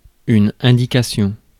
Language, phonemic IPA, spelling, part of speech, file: French, /ɛ̃.di.ka.sjɔ̃/, indication, noun, Fr-indication.ogg
- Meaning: 1. direction, instruction 2. indication, sign 3. indication, information 4. a hint